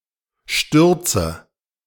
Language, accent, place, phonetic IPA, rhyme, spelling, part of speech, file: German, Germany, Berlin, [ˈʃtʏʁt͡sə], -ʏʁt͡sə, stürze, verb, De-stürze.ogg
- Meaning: inflection of stürzen: 1. first-person singular present 2. first/third-person singular subjunctive I 3. singular imperative